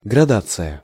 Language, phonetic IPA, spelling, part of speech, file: Russian, [ɡrɐˈdat͡sɨjə], градация, noun, Ru-градация.ogg
- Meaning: gradation